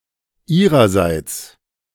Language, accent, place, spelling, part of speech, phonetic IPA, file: German, Germany, Berlin, ihrerseits, adverb, [ˈiːʁɐˌzaɪ̯t͡s], De-ihrerseits.ogg
- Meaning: 1. from her; on her behalf; as for her 2. from them; on their behalf; as for them